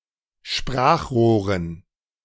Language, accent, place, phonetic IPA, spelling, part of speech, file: German, Germany, Berlin, [ˈʃpʁaːxˌʁoːʁən], Sprachrohren, noun, De-Sprachrohren.ogg
- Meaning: dative plural of Sprachrohr